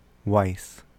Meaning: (adverb) 1. Certainly, surely 2. Really, truly 3. Indeed; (adjective) 1. Certain 2. Sure; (verb) 1. To know 2. To think, suppose 3. To imagine, ween; to deem
- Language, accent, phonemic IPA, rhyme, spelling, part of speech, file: English, US, /waɪs/, -aɪs, wis, adverb / adjective / verb, En-us-wis.ogg